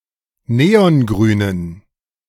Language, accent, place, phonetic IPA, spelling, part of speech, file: German, Germany, Berlin, [ˈneːɔnˌɡʁyːnən], neongrünen, adjective, De-neongrünen.ogg
- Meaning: inflection of neongrün: 1. strong genitive masculine/neuter singular 2. weak/mixed genitive/dative all-gender singular 3. strong/weak/mixed accusative masculine singular 4. strong dative plural